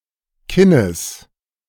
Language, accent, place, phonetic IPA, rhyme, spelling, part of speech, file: German, Germany, Berlin, [ˈkɪnəs], -ɪnəs, Kinnes, noun, De-Kinnes.ogg
- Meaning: genitive singular of Kinn